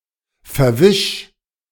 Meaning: 1. singular imperative of verwischen 2. first-person singular present of verwischen
- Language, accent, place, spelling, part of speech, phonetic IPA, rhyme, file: German, Germany, Berlin, verwisch, verb, [fɛɐ̯ˈvɪʃ], -ɪʃ, De-verwisch.ogg